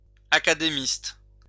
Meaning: 1. a scholar at an academy 2. an academician 3. A member of the Académie française
- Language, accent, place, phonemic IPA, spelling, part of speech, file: French, France, Lyon, /a.ka.de.mist/, académiste, noun, LL-Q150 (fra)-académiste.wav